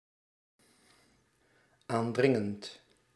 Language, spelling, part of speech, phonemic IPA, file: Dutch, aandringend, verb, /ˈandrɪŋənt/, Nl-aandringend.ogg
- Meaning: present participle of aandringen